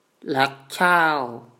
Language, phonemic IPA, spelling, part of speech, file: Mon, /lĕəʔcʰaːw/, လက်ချဴ, noun, Mnw-လက်ချဴ2.wav
- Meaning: 1. cursed 2. curse